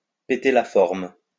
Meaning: to be in great shape, to be in great form, to be fighting fit
- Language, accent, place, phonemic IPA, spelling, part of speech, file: French, France, Lyon, /pe.te la fɔʁm/, péter la forme, verb, LL-Q150 (fra)-péter la forme.wav